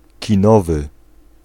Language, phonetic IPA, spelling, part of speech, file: Polish, [cĩˈnɔvɨ], kinowy, adjective, Pl-kinowy.ogg